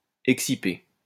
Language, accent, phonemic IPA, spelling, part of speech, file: French, France, /ɛk.si.pe/, exciper, verb, LL-Q150 (fra)-exciper.wav
- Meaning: to plea